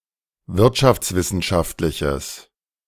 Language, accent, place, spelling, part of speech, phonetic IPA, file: German, Germany, Berlin, wirtschaftswissenschaftliches, adjective, [ˈvɪʁtʃaft͡sˌvɪsn̩ʃaftlɪçəs], De-wirtschaftswissenschaftliches.ogg
- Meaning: strong/mixed nominative/accusative neuter singular of wirtschaftswissenschaftlich